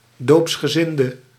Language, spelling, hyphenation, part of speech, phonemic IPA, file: Dutch, doopsgezinde, doops‧ge‧zin‧de, noun, /ˌdoːps.xəˈzɪn.də/, Nl-doopsgezinde.ogg
- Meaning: Mennonite (Anabaptist grouping)